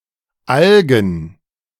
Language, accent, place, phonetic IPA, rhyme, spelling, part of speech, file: German, Germany, Berlin, [ˈalɡn̩], -alɡn̩, Algen, noun, De-Algen.ogg
- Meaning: plural of Alge